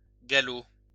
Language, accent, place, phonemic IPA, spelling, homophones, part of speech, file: French, France, Lyon, /ɡa.lo/, gallo, galop, noun, LL-Q150 (fra)-gallo.wav
- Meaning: Gallo